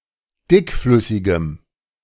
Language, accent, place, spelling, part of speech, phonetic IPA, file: German, Germany, Berlin, dickflüssigem, adjective, [ˈdɪkˌflʏsɪɡəm], De-dickflüssigem.ogg
- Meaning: strong dative masculine/neuter singular of dickflüssig